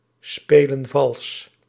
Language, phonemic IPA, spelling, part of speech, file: Dutch, /ˈspelə(n) ˈvɑls/, spelen vals, verb, Nl-spelen vals.ogg
- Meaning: inflection of valsspelen: 1. plural present indicative 2. plural present subjunctive